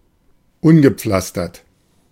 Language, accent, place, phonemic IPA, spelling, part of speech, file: German, Germany, Berlin, /ˈʊnɡəˌpflastɐt/, ungepflastert, adjective, De-ungepflastert.ogg
- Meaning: unpaved